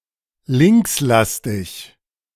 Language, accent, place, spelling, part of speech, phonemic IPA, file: German, Germany, Berlin, linkslastig, adjective, /ˈlɪŋksˌlastɪç/, De-linkslastig.ogg
- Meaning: left-wing